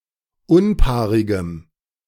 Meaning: strong dative masculine/neuter singular of unpaarig
- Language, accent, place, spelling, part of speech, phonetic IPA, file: German, Germany, Berlin, unpaarigem, adjective, [ˈʊnˌpaːʁɪɡəm], De-unpaarigem.ogg